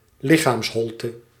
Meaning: bodily cavity
- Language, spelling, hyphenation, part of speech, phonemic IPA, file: Dutch, lichaamsholte, li‧chaams‧hol‧te, noun, /ˈlɪ.xaːmsˌɦɔl.tə/, Nl-lichaamsholte.ogg